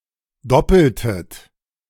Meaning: inflection of doppeln: 1. second-person plural preterite 2. second-person plural subjunctive II
- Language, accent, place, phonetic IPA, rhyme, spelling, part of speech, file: German, Germany, Berlin, [ˈdɔpl̩tət], -ɔpl̩tət, doppeltet, verb, De-doppeltet.ogg